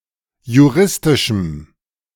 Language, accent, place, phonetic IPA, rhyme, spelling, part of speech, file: German, Germany, Berlin, [juˈʁɪstɪʃm̩], -ɪstɪʃm̩, juristischem, adjective, De-juristischem.ogg
- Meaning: strong dative masculine/neuter singular of juristisch